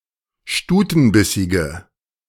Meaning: inflection of stutenbissig: 1. strong/mixed nominative/accusative feminine singular 2. strong nominative/accusative plural 3. weak nominative all-gender singular
- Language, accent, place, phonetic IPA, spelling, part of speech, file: German, Germany, Berlin, [ˈʃtuːtn̩ˌbɪsɪɡə], stutenbissige, adjective, De-stutenbissige.ogg